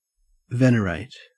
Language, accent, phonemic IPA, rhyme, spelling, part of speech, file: English, Australia, /ˈvɛnəɹeɪt/, -eɪt, venerate, verb, En-au-venerate.ogg
- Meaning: 1. To treat with great respect and deference 2. To revere or hold in awe